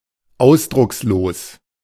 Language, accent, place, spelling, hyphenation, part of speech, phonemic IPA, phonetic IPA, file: German, Germany, Berlin, ausdruckslos, aus‧drucks‧los, adjective, /ˈaʊ̯sdʁʊksˌloːs/, [ˈʔaʊ̯sdʁʊksˌloːs], De-ausdruckslos.ogg
- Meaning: expressionless